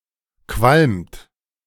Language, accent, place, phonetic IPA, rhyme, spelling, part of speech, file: German, Germany, Berlin, [kvalmt], -almt, qualmt, verb, De-qualmt.ogg
- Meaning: inflection of qualmen: 1. third-person singular present 2. second-person plural present 3. plural imperative